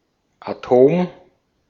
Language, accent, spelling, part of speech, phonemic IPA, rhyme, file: German, Austria, Atom, noun, /aˈtoːm/, -oːm, De-at-Atom.ogg
- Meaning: atom